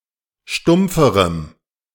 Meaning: strong dative masculine/neuter singular comparative degree of stumpf
- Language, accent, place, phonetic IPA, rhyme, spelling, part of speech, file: German, Germany, Berlin, [ˈʃtʊmp͡fəʁəm], -ʊmp͡fəʁəm, stumpferem, adjective, De-stumpferem.ogg